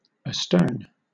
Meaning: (adverb) 1. Behind (a vessel); in the rear 2. In the direction of the stern; backward (motion); to the rear 3. At or toward the rear of a vessel
- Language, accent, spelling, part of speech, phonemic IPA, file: English, Southern England, astern, adverb / adjective / preposition, /əˈstɜːn/, LL-Q1860 (eng)-astern.wav